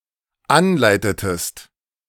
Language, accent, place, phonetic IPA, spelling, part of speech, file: German, Germany, Berlin, [ˈanˌlaɪ̯tətəst], anleitetest, verb, De-anleitetest.ogg
- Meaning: inflection of anleiten: 1. second-person singular dependent preterite 2. second-person singular dependent subjunctive II